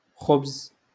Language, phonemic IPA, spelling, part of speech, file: Moroccan Arabic, /xubz/, خبز, noun, LL-Q56426 (ary)-خبز.wav
- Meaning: bread